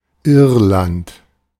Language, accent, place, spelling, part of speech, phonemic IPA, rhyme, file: German, Germany, Berlin, Irland, proper noun, /ˈɪrlant/, -ant, De-Irland.ogg
- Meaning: Ireland (a country in northwestern Europe)